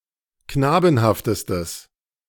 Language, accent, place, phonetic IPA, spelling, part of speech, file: German, Germany, Berlin, [ˈknaːbn̩haftəstəs], knabenhaftestes, adjective, De-knabenhaftestes.ogg
- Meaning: strong/mixed nominative/accusative neuter singular superlative degree of knabenhaft